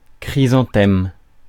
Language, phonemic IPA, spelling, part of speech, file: French, /kʁi.zɑ̃.tɛm/, chrysanthème, noun, Fr-chrysanthème.ogg
- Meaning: chrysanthemum